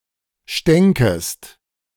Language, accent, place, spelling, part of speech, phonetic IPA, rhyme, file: German, Germany, Berlin, stänkest, verb, [ˈʃtɛŋkəst], -ɛŋkəst, De-stänkest.ogg
- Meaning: second-person singular subjunctive II of stinken